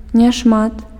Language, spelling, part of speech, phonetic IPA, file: Belarusian, няшмат, determiner, [nʲaʂˈmat], Be-няшмат.ogg
- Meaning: few